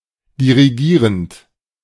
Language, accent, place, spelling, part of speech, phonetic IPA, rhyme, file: German, Germany, Berlin, dirigierend, verb, [diʁiˈɡiːʁənt], -iːʁənt, De-dirigierend.ogg
- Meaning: present participle of dirigieren